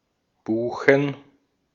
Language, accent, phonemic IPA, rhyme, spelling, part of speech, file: German, Austria, /ˈbuːxn̩/, -uːxn̩, Buchen, proper noun / noun, De-at-Buchen.ogg
- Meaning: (proper noun) a municipality of Baden-Württemberg, Germany; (noun) plural of Buche